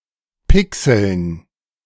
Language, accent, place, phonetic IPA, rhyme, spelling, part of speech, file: German, Germany, Berlin, [ˈpɪksl̩n], -ɪksl̩n, Pixeln, noun, De-Pixeln.ogg
- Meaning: dative plural of Pixel